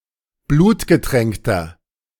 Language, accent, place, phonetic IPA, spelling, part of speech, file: German, Germany, Berlin, [ˈbluːtɡəˌtʁɛŋktɐ], blutgetränkter, adjective, De-blutgetränkter.ogg
- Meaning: inflection of blutgetränkt: 1. strong/mixed nominative masculine singular 2. strong genitive/dative feminine singular 3. strong genitive plural